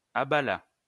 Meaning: third-person singular past historic of abaler
- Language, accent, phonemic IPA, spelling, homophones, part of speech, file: French, France, /a.ba.la/, abala, abalas / abalât, verb, LL-Q150 (fra)-abala.wav